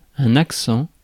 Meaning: 1. accent, manner or tone of speech 2. an accent symbol 3. accent, stress 4. strain, section 5. emphasis, focus
- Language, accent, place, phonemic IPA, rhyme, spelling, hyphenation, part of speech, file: French, France, Paris, /ak.sɑ̃/, -ɑ̃, accent, ac‧cent, noun, Fr-accent.ogg